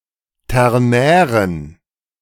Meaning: inflection of ternär: 1. strong genitive masculine/neuter singular 2. weak/mixed genitive/dative all-gender singular 3. strong/weak/mixed accusative masculine singular 4. strong dative plural
- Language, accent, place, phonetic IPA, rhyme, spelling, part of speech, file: German, Germany, Berlin, [ˌtɛʁˈnɛːʁən], -ɛːʁən, ternären, adjective, De-ternären.ogg